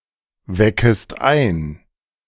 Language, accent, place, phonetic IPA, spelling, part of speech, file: German, Germany, Berlin, [ˌvɛkəst ˈaɪ̯n], weckest ein, verb, De-weckest ein.ogg
- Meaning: second-person singular subjunctive I of einwecken